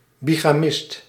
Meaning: bigamist
- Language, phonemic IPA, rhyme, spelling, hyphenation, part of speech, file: Dutch, /biɣaːˈmɪst/, -ɪst, bigamist, bi‧ga‧mist, noun, Nl-bigamist.ogg